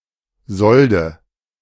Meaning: nominative/accusative/genitive plural of Sold
- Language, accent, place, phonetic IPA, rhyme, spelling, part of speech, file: German, Germany, Berlin, [ˈzɔldə], -ɔldə, Solde, noun, De-Solde.ogg